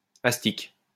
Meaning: 1. a bone once used by cobblers to polish leather 2. any of various other polishing tools
- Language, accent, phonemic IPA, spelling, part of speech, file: French, France, /as.tik/, astic, noun, LL-Q150 (fra)-astic.wav